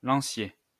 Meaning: lancer
- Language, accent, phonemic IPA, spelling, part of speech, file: French, France, /lɑ̃.sje/, lancier, noun, LL-Q150 (fra)-lancier.wav